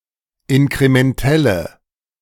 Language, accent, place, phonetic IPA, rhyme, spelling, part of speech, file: German, Germany, Berlin, [ɪnkʁemɛnˈtɛlə], -ɛlə, inkrementelle, adjective, De-inkrementelle.ogg
- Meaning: inflection of inkrementell: 1. strong/mixed nominative/accusative feminine singular 2. strong nominative/accusative plural 3. weak nominative all-gender singular